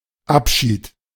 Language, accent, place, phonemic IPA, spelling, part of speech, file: German, Germany, Berlin, /ˈapˌʃiːt/, Abschied, noun, De-Abschied.ogg
- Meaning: parting, farewell